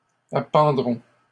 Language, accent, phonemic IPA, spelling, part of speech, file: French, Canada, /a.pɑ̃.dʁɔ̃/, appendront, verb, LL-Q150 (fra)-appendront.wav
- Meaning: third-person plural simple future of appendre